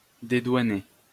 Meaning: 1. to clear through customs 2. to excuse from responsibility, usually too lightly; to let off the hook
- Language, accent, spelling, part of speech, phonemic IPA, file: French, France, dédouaner, verb, /de.dwa.ne/, LL-Q150 (fra)-dédouaner.wav